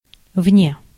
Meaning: out of, outside
- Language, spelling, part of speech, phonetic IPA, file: Russian, вне, preposition, [vnʲe], Ru-вне.ogg